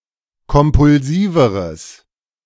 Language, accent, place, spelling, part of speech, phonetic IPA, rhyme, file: German, Germany, Berlin, kompulsiveres, adjective, [kɔmpʊlˈziːvəʁəs], -iːvəʁəs, De-kompulsiveres.ogg
- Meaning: strong/mixed nominative/accusative neuter singular comparative degree of kompulsiv